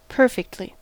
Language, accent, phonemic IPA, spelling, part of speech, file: English, US, /ˈpɝ.fɪk(t).li/, perfectly, adverb, En-us-perfectly.ogg
- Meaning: 1. With perfection 2. Wholly, completely, totally